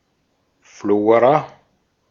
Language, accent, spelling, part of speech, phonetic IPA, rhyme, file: German, Austria, Flora, noun / proper noun, [ˈfloːʁa], -oːʁa, De-at-Flora.ogg
- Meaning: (noun) flora (plants as a group; microorganisms); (proper noun) 1. Flora 2. a female given name from Latin, masculine equivalent Florian